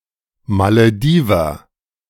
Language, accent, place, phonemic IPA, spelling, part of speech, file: German, Germany, Berlin, /maləˈdiːvɐ/, Malediver, noun, De-Malediver.ogg
- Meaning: Maldivian (person from the Maldives or of Maldivian descent)